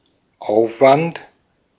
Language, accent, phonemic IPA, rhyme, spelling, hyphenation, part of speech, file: German, Austria, /ˈʔaʊ̯fvant/, -ant, Aufwand, Auf‧wand, noun, De-at-Aufwand.ogg
- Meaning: 1. expenditure, effort, expense (amount of work and/or means required for something) 2. verbal noun of aufwenden: expenditure, expending